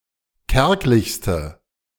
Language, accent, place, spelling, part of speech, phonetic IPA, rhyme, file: German, Germany, Berlin, kärglichste, adjective, [ˈkɛʁklɪçstə], -ɛʁklɪçstə, De-kärglichste.ogg
- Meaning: inflection of kärglich: 1. strong/mixed nominative/accusative feminine singular superlative degree 2. strong nominative/accusative plural superlative degree